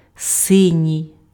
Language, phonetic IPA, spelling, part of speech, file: Ukrainian, [ˈsɪnʲii̯], синій, adjective, Uk-синій.ogg
- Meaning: deep blue, indigo (color)